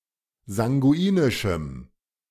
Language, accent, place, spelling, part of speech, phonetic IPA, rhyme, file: German, Germany, Berlin, sanguinischem, adjective, [zaŋɡuˈiːnɪʃm̩], -iːnɪʃm̩, De-sanguinischem.ogg
- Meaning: strong dative masculine/neuter singular of sanguinisch